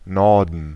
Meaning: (noun) 1. north (direction) 2. north (region); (proper noun) 1. a town in Lower Saxony, Germany 2. a surname
- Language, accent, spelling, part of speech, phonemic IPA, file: German, Germany, Norden, noun / proper noun, /ˈnɔrdən/, De-Norden.ogg